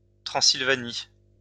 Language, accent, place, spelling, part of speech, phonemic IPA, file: French, France, Lyon, Transylvanie, proper noun, /tʁɑ̃.sil.va.ni/, LL-Q150 (fra)-Transylvanie.wav
- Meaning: Transylvania (a historical region in western Romania)